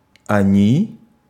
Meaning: they
- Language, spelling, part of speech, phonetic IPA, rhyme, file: Russian, они, pronoun, [ɐˈnʲi], -i, Ru-они.ogg